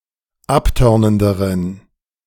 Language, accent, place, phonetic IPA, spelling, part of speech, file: German, Germany, Berlin, [ˈapˌtœʁnəndəʁən], abtörnenderen, adjective, De-abtörnenderen.ogg
- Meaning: inflection of abtörnend: 1. strong genitive masculine/neuter singular comparative degree 2. weak/mixed genitive/dative all-gender singular comparative degree